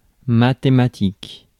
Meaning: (adjective) mathematical; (noun) synonym of mathématiques
- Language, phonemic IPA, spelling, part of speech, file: French, /ma.te.ma.tik/, mathématique, adjective / noun, Fr-mathématique.ogg